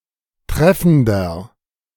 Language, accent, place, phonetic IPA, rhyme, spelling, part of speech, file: German, Germany, Berlin, [ˈtʁɛfn̩dɐ], -ɛfn̩dɐ, treffender, adjective, De-treffender.ogg
- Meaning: 1. comparative degree of treffend 2. inflection of treffend: strong/mixed nominative masculine singular 3. inflection of treffend: strong genitive/dative feminine singular